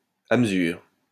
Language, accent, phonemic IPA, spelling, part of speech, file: French, France, /a m(ə).zyʁ/, à mesure, adverb, LL-Q150 (fra)-à mesure.wav
- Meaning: in proportion and at the same time